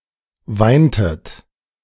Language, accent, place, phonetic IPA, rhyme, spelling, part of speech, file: German, Germany, Berlin, [ˈvaɪ̯ntət], -aɪ̯ntət, weintet, verb, De-weintet.ogg
- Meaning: inflection of weinen: 1. second-person plural preterite 2. second-person plural subjunctive II